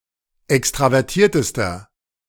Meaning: inflection of extravertiert: 1. strong/mixed nominative masculine singular superlative degree 2. strong genitive/dative feminine singular superlative degree
- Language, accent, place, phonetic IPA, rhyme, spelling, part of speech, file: German, Germany, Berlin, [ˌɛkstʁavɛʁˈtiːɐ̯təstɐ], -iːɐ̯təstɐ, extravertiertester, adjective, De-extravertiertester.ogg